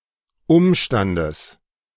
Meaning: genitive singular of Umstand
- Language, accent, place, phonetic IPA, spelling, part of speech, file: German, Germany, Berlin, [ˈʊmʃtandəs], Umstandes, noun, De-Umstandes.ogg